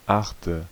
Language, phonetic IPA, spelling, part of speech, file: German, [ˈʔaχtə], achte, adjective / verb, De-achte.ogg
- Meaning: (adjective) eighth; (verb) inflection of achten: 1. first-person singular present 2. first/third-person singular subjunctive I 3. singular imperative